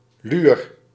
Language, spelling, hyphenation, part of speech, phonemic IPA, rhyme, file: Dutch, luur, luur, noun, /lyːr/, -yr, Nl-luur.ogg
- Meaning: alternative form of luier